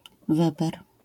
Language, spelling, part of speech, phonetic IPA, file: Polish, weber, noun, [ˈvɛbɛr], LL-Q809 (pol)-weber.wav